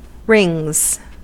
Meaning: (noun) 1. plural of ring 2. A gymnastics apparatus and discipline consisting of two rings suspended from a bar
- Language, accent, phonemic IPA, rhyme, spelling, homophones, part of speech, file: English, US, /ɹɪŋz/, -ɪŋz, rings, wrings, noun / verb, En-us-rings.ogg